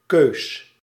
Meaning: 1. alternative form of keuze 2. plural of keu
- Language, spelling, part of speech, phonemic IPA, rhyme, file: Dutch, keus, noun, /køːs/, -øːs, Nl-keus.ogg